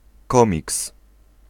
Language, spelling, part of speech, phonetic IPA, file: Polish, komiks, noun, [ˈkɔ̃mʲiks], Pl-komiks.ogg